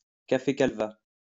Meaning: calva; calvados
- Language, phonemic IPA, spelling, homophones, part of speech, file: French, /kal.va/, calva, calvas, noun, LL-Q150 (fra)-calva.wav